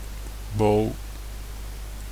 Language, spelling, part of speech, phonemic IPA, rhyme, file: Dutch, bo, noun, /boː/, -oː, Nl-bo.ogg
- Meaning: sandwich